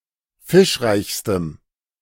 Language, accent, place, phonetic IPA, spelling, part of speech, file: German, Germany, Berlin, [ˈfɪʃˌʁaɪ̯çstəm], fischreichstem, adjective, De-fischreichstem.ogg
- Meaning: strong dative masculine/neuter singular superlative degree of fischreich